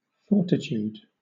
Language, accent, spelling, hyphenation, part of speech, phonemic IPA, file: English, Southern England, fortitude, for‧ti‧tude, noun, /ˈfɔː.tɪˌtjuːd/, LL-Q1860 (eng)-fortitude.wav
- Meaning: 1. Mental or emotional strength that enables courage in the face of adversity 2. Physical strength